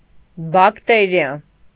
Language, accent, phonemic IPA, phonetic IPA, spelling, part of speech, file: Armenian, Eastern Armenian, /bɑkˈteɾiɑ/, [bɑktéɾjɑ], բակտերիա, noun, Hy-բակտերիա.ogg
- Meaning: bacterium